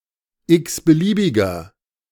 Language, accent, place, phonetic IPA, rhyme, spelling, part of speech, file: German, Germany, Berlin, [ˌɪksbəˈliːbɪɡɐ], -iːbɪɡɐ, x-beliebiger, adjective, De-x-beliebiger.ogg
- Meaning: inflection of x-beliebig: 1. strong/mixed nominative masculine singular 2. strong genitive/dative feminine singular 3. strong genitive plural